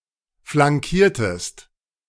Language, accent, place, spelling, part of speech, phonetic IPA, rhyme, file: German, Germany, Berlin, flankiertest, verb, [flaŋˈkiːɐ̯təst], -iːɐ̯təst, De-flankiertest.ogg
- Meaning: inflection of flankieren: 1. second-person singular preterite 2. second-person singular subjunctive II